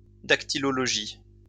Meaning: 1. dactylology 2. sign language
- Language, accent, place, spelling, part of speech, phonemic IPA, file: French, France, Lyon, dactylologie, noun, /dak.ti.lɔ.lɔ.ʒi/, LL-Q150 (fra)-dactylologie.wav